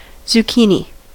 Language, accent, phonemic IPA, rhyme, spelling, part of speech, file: English, US, /zuːˈkiː.ni/, -iːni, zucchini, noun, En-us-zucchini.ogg
- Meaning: 1. A courgette; a variety of squash, Cucurbita pepo, which bears edible fruit 2. The edible fruit of this variety of squash 3. plural of zucchino